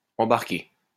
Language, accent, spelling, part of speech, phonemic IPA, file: French, France, embarqué, verb, /ɑ̃.baʁ.ke/, LL-Q150 (fra)-embarqué.wav
- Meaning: past participle of embarquer